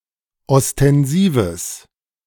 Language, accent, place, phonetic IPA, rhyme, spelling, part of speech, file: German, Germany, Berlin, [ɔstɛnˈziːvəs], -iːvəs, ostensives, adjective, De-ostensives.ogg
- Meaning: strong/mixed nominative/accusative neuter singular of ostensiv